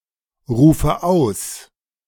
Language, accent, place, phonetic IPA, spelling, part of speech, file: German, Germany, Berlin, [ˌʁuːfə ˈaʊ̯s], rufe aus, verb, De-rufe aus.ogg
- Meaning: inflection of ausrufen: 1. first-person singular present 2. first/third-person singular subjunctive I 3. singular imperative